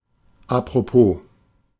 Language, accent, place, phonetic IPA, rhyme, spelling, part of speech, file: German, Germany, Berlin, [a.pʁoˈpoː], -oː, apropos, adverb, De-apropos.ogg
- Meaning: speaking of, apropos